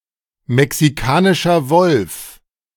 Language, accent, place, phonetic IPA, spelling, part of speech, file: German, Germany, Berlin, [mɛksiˌkaːnɪʃɐ ˈvɔlf], Mexikanischer Wolf, phrase, De-Mexikanischer Wolf.ogg
- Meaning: Mexican wolf